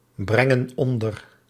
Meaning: inflection of onderbrengen: 1. plural present indicative 2. plural present subjunctive
- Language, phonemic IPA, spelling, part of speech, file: Dutch, /ˈbrɛŋə(n) ˈɔndər/, brengen onder, verb, Nl-brengen onder.ogg